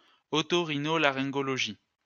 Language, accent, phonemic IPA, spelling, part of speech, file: French, France, /ɔ.tɔ.ʁi.nɔ.la.ʁɛ̃.ɡɔ.lɔ.ʒi/, otorhinolaryngologie, noun, LL-Q150 (fra)-otorhinolaryngologie.wav
- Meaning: post-1990 spelling of oto-rhino-laryngologie